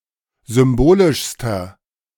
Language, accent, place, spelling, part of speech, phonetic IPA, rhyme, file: German, Germany, Berlin, symbolischster, adjective, [ˌzʏmˈboːlɪʃstɐ], -oːlɪʃstɐ, De-symbolischster.ogg
- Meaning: inflection of symbolisch: 1. strong/mixed nominative masculine singular superlative degree 2. strong genitive/dative feminine singular superlative degree 3. strong genitive plural superlative degree